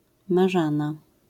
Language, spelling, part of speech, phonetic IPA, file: Polish, marzana, noun, [maˈʒãna], LL-Q809 (pol)-marzana.wav